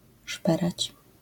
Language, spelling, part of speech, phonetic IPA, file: Polish, szperać, verb, [ˈʃpɛrat͡ɕ], LL-Q809 (pol)-szperać.wav